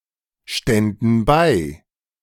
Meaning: first/third-person plural subjunctive II of beistehen
- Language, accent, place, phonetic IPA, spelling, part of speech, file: German, Germany, Berlin, [ˌʃtɛndn̩ ˈbaɪ̯], ständen bei, verb, De-ständen bei.ogg